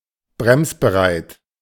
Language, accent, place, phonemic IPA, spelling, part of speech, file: German, Germany, Berlin, /ˈbʁɛmsbəˌʁaɪ̯t/, bremsbereit, adjective, De-bremsbereit.ogg
- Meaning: ready to brake